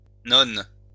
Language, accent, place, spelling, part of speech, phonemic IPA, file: French, France, Lyon, nonnes, noun, /nɔn/, LL-Q150 (fra)-nonnes.wav
- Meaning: plural of nonne